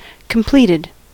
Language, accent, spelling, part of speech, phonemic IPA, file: English, US, completed, verb / adjective, /kəmˈpliːtɪd/, En-us-completed.ogg
- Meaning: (verb) simple past and past participle of complete; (adjective) Finished